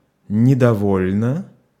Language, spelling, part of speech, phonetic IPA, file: Russian, недовольна, adjective, [nʲɪdɐˈvolʲnə], Ru-недовольна.ogg
- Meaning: short feminine singular of недово́льный (nedovólʹnyj)